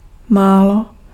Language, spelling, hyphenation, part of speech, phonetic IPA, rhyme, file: Czech, málo, má‧lo, adverb, [ˈmaːlo], -aːlo, Cs-málo.ogg
- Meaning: little, few (not much)